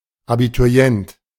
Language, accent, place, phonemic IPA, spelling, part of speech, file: German, Germany, Berlin, /abituˈʁi̯ɛnt/, Abiturient, noun, De-Abiturient.ogg
- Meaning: Abiturient; a pupil / student who is taking, or who has taken and passed, the Abitur (roughly, high-school graduate)